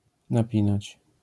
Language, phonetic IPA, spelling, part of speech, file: Polish, [naˈpʲĩnat͡ɕ], napinać, verb, LL-Q809 (pol)-napinać.wav